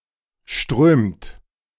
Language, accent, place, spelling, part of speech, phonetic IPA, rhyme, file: German, Germany, Berlin, strömt, verb, [ʃtʁøːmt], -øːmt, De-strömt.ogg
- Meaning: second-person singular/plural present of strömen